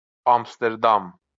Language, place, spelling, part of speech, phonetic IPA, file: Azerbaijani, Baku, Amsterdam, proper noun, [ɑmsdeɾˈdɑm], LL-Q9292 (aze)-Amsterdam.wav
- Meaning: Amsterdam (a city and municipality of North Holland, Netherlands; the capital city of the Netherlands)